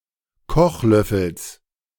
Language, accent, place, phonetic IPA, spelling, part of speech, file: German, Germany, Berlin, [ˈkɔxˌlœfəls], Kochlöffels, noun, De-Kochlöffels.ogg
- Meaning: genitive singular of Kochlöffel